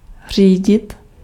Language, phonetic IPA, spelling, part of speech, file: Czech, [ˈr̝iːɟɪt], řídit, verb, Cs-řídit.ogg
- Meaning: 1. to control 2. to drive (a car) 3. to steer (a vehicle, including ship) 4. to govern 5. to follow (object: rules, instructions)